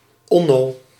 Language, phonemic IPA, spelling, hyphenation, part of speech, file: Dutch, /ˈɔ.noː/, Onno, On‧no, proper noun, Nl-Onno.ogg
- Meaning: a male given name